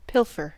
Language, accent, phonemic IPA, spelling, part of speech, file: English, US, /ˈpɪl.fɚ/, pilfer, verb, En-us-pilfer.ogg
- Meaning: To steal in small quantities, or articles of small value; to practise petty theft